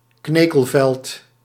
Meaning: boneyard, graveyard
- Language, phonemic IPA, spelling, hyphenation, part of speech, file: Dutch, /ˈkneːkəlˌvɛlt/, knekelveld, kne‧kel‧veld, noun, Nl-knekelveld.ogg